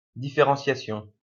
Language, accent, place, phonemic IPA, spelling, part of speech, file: French, France, Lyon, /di.fe.ʁɑ̃.sja.sjɔ̃/, différenciation, noun, LL-Q150 (fra)-différenciation.wav
- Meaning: differentiation